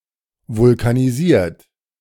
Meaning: 1. past participle of vulkanisieren 2. inflection of vulkanisieren: third-person singular present 3. inflection of vulkanisieren: second-person plural present
- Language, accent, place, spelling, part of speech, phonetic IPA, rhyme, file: German, Germany, Berlin, vulkanisiert, verb, [vʊlkaniˈziːɐ̯t], -iːɐ̯t, De-vulkanisiert.ogg